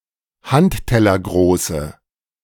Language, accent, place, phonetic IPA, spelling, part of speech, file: German, Germany, Berlin, [ˈhanttɛlɐˌɡʁoːsə], handtellergroße, adjective, De-handtellergroße.ogg
- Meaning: inflection of handtellergroß: 1. strong/mixed nominative/accusative feminine singular 2. strong nominative/accusative plural 3. weak nominative all-gender singular